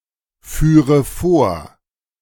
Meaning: first/third-person singular subjunctive II of vorfahren
- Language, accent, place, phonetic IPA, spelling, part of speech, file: German, Germany, Berlin, [ˌfyːʁə ˈfoːɐ̯], führe vor, verb, De-führe vor.ogg